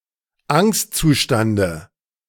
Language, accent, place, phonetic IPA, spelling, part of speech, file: German, Germany, Berlin, [ˈaŋstt͡suˌʃtandə], Angstzustande, noun, De-Angstzustande.ogg
- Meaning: dative of Angstzustand